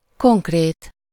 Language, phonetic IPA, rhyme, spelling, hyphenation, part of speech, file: Hungarian, [ˈkoŋkreːt], -eːt, konkrét, konk‧rét, adjective, Hu-konkrét.ogg
- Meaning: concrete, particular, specific, perceivable, real